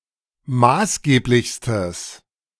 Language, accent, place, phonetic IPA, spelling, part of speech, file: German, Germany, Berlin, [ˈmaːsˌɡeːplɪçstəs], maßgeblichstes, adjective, De-maßgeblichstes.ogg
- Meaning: strong/mixed nominative/accusative neuter singular superlative degree of maßgeblich